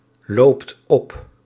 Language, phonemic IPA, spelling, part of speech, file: Dutch, /ˈlopt ˈɔp/, loopt op, verb, Nl-loopt op.ogg
- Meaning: inflection of oplopen: 1. second/third-person singular present indicative 2. plural imperative